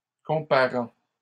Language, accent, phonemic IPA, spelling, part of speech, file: French, Canada, /kɔ̃.pa.ʁɑ̃/, comparant, verb, LL-Q150 (fra)-comparant.wav
- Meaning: present participle of comparer